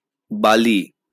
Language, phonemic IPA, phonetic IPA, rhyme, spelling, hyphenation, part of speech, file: Bengali, /ba.li/, [ˈba.li], -ali, বালি, বা‧লি, noun, LL-Q9610 (ben)-বালি.wav
- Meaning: sand